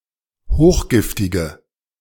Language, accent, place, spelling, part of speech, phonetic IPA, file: German, Germany, Berlin, hochgiftige, adjective, [ˈhoːxˌɡɪftɪɡə], De-hochgiftige.ogg
- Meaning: inflection of hochgiftig: 1. strong/mixed nominative/accusative feminine singular 2. strong nominative/accusative plural 3. weak nominative all-gender singular